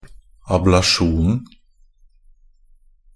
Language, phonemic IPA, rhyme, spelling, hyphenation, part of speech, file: Norwegian Bokmål, /ablaˈʃuːnn̩/, -uːnn̩, ablasjonen, ab‧la‧sjon‧en, noun, NB - Pronunciation of Norwegian Bokmål «ablasjonen».ogg
- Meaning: definite singular of ablasjon